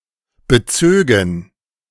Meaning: first/third-person plural subjunctive II of beziehen
- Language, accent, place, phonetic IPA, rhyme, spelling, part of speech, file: German, Germany, Berlin, [bəˈt͡søːɡn̩], -øːɡn̩, bezögen, verb, De-bezögen.ogg